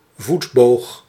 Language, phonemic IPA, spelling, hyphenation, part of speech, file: Dutch, /ˈvut.boːx/, voetboog, voet‧boog, noun, Nl-voetboog.ogg
- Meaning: 1. an arbalest 2. the arch of a foot